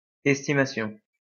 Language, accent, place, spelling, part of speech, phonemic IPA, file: French, France, Lyon, æstimation, noun, /ɛs.ti.ma.sjɔ̃/, LL-Q150 (fra)-æstimation.wav
- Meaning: obsolete form of estimation